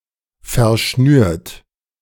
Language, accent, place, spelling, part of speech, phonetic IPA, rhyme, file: German, Germany, Berlin, verschnürt, verb, [ˌfɛɐ̯ˈʃnyːɐ̯t], -yːɐ̯t, De-verschnürt.ogg
- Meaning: 1. past participle of verschnüren 2. inflection of verschnüren: third-person singular present 3. inflection of verschnüren: second-person plural present 4. inflection of verschnüren: plural imperative